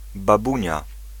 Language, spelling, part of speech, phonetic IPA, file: Polish, babunia, noun, [baˈbũɲa], Pl-babunia.ogg